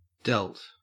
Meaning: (noun) The deltoid muscle; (verb) Archaic spelling of dealt
- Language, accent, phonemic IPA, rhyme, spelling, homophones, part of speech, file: English, Australia, /dɛlt/, -ɛlt, delt, dealt, noun / verb, En-au-delt.ogg